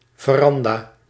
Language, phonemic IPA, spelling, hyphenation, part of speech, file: Dutch, /vəˈrɑn.daː/, veranda, ve‧ran‧da, noun, Nl-veranda.ogg
- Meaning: veranda